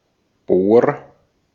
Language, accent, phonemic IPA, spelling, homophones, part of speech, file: German, Austria, /boːr/, Bor, bohr, noun, De-at-Bor.ogg
- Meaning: boron